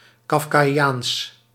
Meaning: Kafkaesque
- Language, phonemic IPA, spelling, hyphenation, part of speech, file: Dutch, /ˌkɑf.kaːˈjaːns/, kafkaiaans, kaf‧ka‧iaans, adjective, Nl-kafkaiaans.ogg